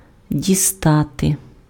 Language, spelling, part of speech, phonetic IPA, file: Ukrainian, дістати, verb, [dʲiˈstate], Uk-дістати.ogg
- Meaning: 1. to fetch, to take, to take out (from, e.g., the fridge or a box; followed by the preposition з. By contrast, брати is a more generic "to take, grab, seize") 2. to reach, to touch